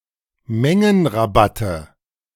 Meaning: nominative/accusative/genitive plural of Mengenrabatt
- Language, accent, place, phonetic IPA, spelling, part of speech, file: German, Germany, Berlin, [ˈmɛŋənʁaˌbatə], Mengenrabatte, noun, De-Mengenrabatte.ogg